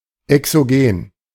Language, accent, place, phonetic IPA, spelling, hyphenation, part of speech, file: German, Germany, Berlin, [ɛksoˈɡeːn], exogen, exo‧gen, adjective, De-exogen.ogg
- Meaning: exogenous